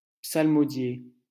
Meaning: 1. to chant, intone (especially a psalm) 2. to drone
- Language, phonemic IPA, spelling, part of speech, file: French, /psal.mɔ.dje/, psalmodier, verb, LL-Q150 (fra)-psalmodier.wav